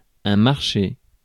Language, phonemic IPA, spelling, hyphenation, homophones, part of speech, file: French, /maʁ.ʃe/, marché, mar‧ché, marcher / marchés, noun / verb, Fr-marché.ogg
- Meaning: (noun) 1. market 2. deal, contract; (verb) past participle of marcher